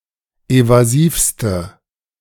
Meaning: inflection of evasiv: 1. strong/mixed nominative/accusative feminine singular superlative degree 2. strong nominative/accusative plural superlative degree
- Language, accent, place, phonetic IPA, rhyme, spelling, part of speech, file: German, Germany, Berlin, [ˌevaˈziːfstə], -iːfstə, evasivste, adjective, De-evasivste.ogg